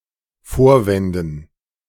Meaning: dative plural of Vorwand
- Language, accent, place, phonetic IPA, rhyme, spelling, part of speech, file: German, Germany, Berlin, [ˈfoːɐ̯ˌvɛndn̩], -oːɐ̯vɛndn̩, Vorwänden, noun, De-Vorwänden.ogg